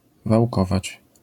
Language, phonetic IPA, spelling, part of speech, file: Polish, [vawˈkɔvat͡ɕ], wałkować, verb, LL-Q809 (pol)-wałkować.wav